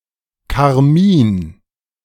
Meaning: carmine, crimson (colour)
- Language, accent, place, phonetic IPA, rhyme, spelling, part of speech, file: German, Germany, Berlin, [kaʁˈmiːn], -iːn, Karmin, noun, De-Karmin.ogg